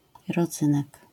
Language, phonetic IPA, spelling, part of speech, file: Polish, [rɔˈd͡zɨ̃nɛk], rodzynek, noun, LL-Q809 (pol)-rodzynek.wav